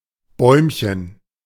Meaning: diminutive of Baum; treelet
- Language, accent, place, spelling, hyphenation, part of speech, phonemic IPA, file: German, Germany, Berlin, Bäumchen, Bäum‧chen, noun, /ˈbɔɪ̯mçən/, De-Bäumchen.ogg